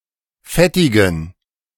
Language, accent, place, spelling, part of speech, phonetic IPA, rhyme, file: German, Germany, Berlin, fettigen, adjective, [ˈfɛtɪɡn̩], -ɛtɪɡn̩, De-fettigen.ogg
- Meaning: inflection of fettig: 1. strong genitive masculine/neuter singular 2. weak/mixed genitive/dative all-gender singular 3. strong/weak/mixed accusative masculine singular 4. strong dative plural